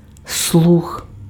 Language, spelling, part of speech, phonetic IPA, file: Ukrainian, слух, noun, [sɫux], Uk-слух.ogg
- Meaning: hearing